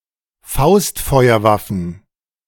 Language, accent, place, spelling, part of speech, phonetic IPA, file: German, Germany, Berlin, Faustfeuerwaffen, noun, [ˈfaʊ̯stfɔɪ̯ɐˌvafn̩], De-Faustfeuerwaffen.ogg
- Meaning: plural of Faustfeuerwaffe